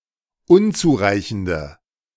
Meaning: inflection of unzureichend: 1. strong/mixed nominative/accusative feminine singular 2. strong nominative/accusative plural 3. weak nominative all-gender singular
- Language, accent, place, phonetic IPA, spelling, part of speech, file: German, Germany, Berlin, [ˈʊnt͡suːˌʁaɪ̯çn̩də], unzureichende, adjective, De-unzureichende.ogg